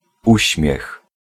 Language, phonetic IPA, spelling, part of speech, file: Polish, [ˈuɕmʲjɛx], uśmiech, noun, Pl-uśmiech.ogg